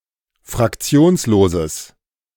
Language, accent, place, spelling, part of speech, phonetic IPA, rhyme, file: German, Germany, Berlin, fraktionsloses, adjective, [fʁakˈt͡si̯oːnsloːzəs], -oːnsloːzəs, De-fraktionsloses.ogg
- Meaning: strong/mixed nominative/accusative neuter singular of fraktionslos